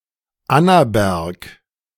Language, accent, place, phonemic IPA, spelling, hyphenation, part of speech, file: German, Germany, Berlin, /ˈanabɛʁk/, Annaberg, An‧na‧berg, proper noun, De-Annaberg.ogg
- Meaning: 1. a municipality of Lower Austria, Austria 2. Chałupki (a village in Racibórz County, Silesian Voivodeship, Poland) 3. a neighborhood of Annaberg-Buchholz, Erzgebirgskreis district, Saxony